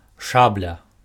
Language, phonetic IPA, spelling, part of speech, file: Belarusian, [ˈʂablʲa], шабля, noun, Be-шабля.ogg
- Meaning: sabre, cutlass